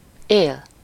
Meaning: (verb) 1. to live (to remain alive, be alive, sometimes to reside at) 2. to live 3. to live in a particular state
- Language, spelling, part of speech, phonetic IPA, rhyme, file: Hungarian, él, verb / noun, [ˈeːl], -eːl, Hu-él.ogg